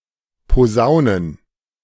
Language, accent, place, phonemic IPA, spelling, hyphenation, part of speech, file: German, Germany, Berlin, /poˈzaʊ̯nən/, posaunen, po‧sau‧nen, verb, De-posaunen.ogg
- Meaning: to play the trumpet